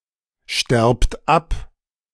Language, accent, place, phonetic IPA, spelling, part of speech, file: German, Germany, Berlin, [ˌʃtɛʁpt ˈap], sterbt ab, verb, De-sterbt ab.ogg
- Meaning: inflection of absterben: 1. second-person plural present 2. plural imperative